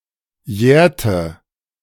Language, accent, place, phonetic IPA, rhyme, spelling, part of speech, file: German, Germany, Berlin, [ˈjɛːɐ̯tə], -ɛːɐ̯tə, jährte, verb, De-jährte.ogg
- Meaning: inflection of jähren: 1. first/third-person singular preterite 2. first/third-person singular subjunctive II